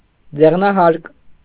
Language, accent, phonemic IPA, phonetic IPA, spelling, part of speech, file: Armenian, Eastern Armenian, /d͡zeʁnɑˈhɑɾk/, [d͡zeʁnɑhɑ́ɾk], ձեղնահարկ, noun, Hy-ձեղնահարկ.ogg
- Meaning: attic, mansard